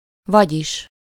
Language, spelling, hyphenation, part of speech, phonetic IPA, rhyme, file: Hungarian, vagyis, vagy‧is, conjunction, [ˈvɒɟiʃ], -iʃ, Hu-vagyis.ogg
- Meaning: 1. that is to say, in other words, thus, so 2. or better said (making corrections to what one previously said)